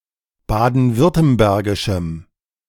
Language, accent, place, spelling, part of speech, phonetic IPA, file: German, Germany, Berlin, baden-württembergischem, adjective, [ˌbaːdn̩ˈvʏʁtəmbɛʁɡɪʃm̩], De-baden-württembergischem.ogg
- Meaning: strong dative masculine/neuter singular of baden-württembergisch